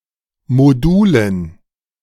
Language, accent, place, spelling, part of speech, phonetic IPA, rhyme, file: German, Germany, Berlin, Modulen, noun, [moˈduːlən], -uːlən, De-Modulen.ogg
- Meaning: dative plural of Modul